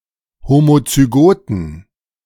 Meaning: inflection of homozygot: 1. strong genitive masculine/neuter singular 2. weak/mixed genitive/dative all-gender singular 3. strong/weak/mixed accusative masculine singular 4. strong dative plural
- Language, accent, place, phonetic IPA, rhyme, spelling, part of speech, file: German, Germany, Berlin, [ˌhomot͡syˈɡoːtn̩], -oːtn̩, homozygoten, adjective, De-homozygoten.ogg